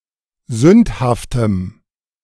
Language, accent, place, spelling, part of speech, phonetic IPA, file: German, Germany, Berlin, sündhaftem, adjective, [ˈzʏnthaftəm], De-sündhaftem.ogg
- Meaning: strong dative masculine/neuter singular of sündhaft